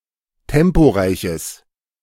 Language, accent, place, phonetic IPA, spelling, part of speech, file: German, Germany, Berlin, [ˈtɛmpoˌʁaɪ̯çəs], temporeiches, adjective, De-temporeiches.ogg
- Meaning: strong/mixed nominative/accusative neuter singular of temporeich